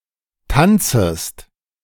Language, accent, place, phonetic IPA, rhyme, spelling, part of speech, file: German, Germany, Berlin, [ˈtant͡səst], -ant͡səst, tanzest, verb, De-tanzest.ogg
- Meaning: second-person singular subjunctive I of tanzen